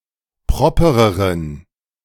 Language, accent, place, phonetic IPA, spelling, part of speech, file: German, Germany, Berlin, [ˈpʁɔpəʁəʁən], propereren, adjective, De-propereren.ogg
- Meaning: inflection of proper: 1. strong genitive masculine/neuter singular comparative degree 2. weak/mixed genitive/dative all-gender singular comparative degree